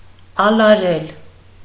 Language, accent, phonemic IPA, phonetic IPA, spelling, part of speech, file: Armenian, Eastern Armenian, /ɑlɑˈɾel/, [ɑlɑɾél], ալարել, verb, Hy-ալարել.ogg
- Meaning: to be lazy